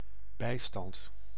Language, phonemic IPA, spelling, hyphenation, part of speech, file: Dutch, /ˈbɛi̯stɑnt/, bijstand, bij‧stand, noun, Nl-bijstand.ogg
- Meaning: 1. social welfare, dole 2. help, aid